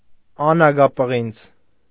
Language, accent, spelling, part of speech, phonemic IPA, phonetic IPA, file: Armenian, Eastern Armenian, անագապղինձ, noun, /ɑnɑɡɑpəˈʁind͡z/, [ɑnɑɡɑpəʁínd͡z], Hy-անագապղինձ.ogg
- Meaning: bronze